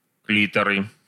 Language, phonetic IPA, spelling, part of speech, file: Russian, [ˈklʲitərɨ], клиторы, noun, Ru-клиторы.ogg
- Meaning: nominative/accusative plural of кли́тор (klítor)